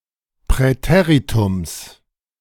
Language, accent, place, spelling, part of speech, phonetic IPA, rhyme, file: German, Germany, Berlin, Präteritums, noun, [pʁɛˈteːʁitʊms], -eːʁitʊms, De-Präteritums.ogg
- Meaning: genitive singular of Präteritum